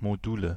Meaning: nominative genitive accusative plural of Modul
- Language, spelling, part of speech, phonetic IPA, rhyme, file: German, Module, noun, [moˈduːlə], -uːlə, De-Module.ogg